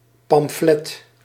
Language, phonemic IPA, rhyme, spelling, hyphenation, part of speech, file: Dutch, /pɑmˈflɛt/, -ɛt, pamflet, pam‧flet, noun, Nl-pamflet.ogg
- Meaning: pamphlet